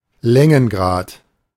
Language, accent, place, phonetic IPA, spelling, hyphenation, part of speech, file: German, Germany, Berlin, [ˈlɛŋənɡʁaːt], Längengrad, Län‧gen‧grad, noun, De-Längengrad.ogg
- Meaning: longitude